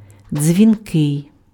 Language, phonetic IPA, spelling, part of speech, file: Ukrainian, [d͡zʲʋʲinˈkɪi̯], дзвінкий, adjective, Uk-дзвінкий.ogg
- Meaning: 1. voiced 2. sonorous, resonant (of loud and clear sound)